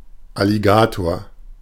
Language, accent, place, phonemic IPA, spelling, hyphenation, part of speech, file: German, Germany, Berlin, /aliˈɡaːtoːʁ/, Alligator, Al‧li‧ga‧tor, noun, De-Alligator.ogg
- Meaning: alligator (animal)